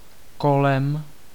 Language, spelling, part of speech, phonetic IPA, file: Czech, kolem, noun / adverb / preposition, [ˈkolɛm], Cs-kolem.ogg
- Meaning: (noun) instrumental singular of kolo; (adverb) 1. around 2. past 3. about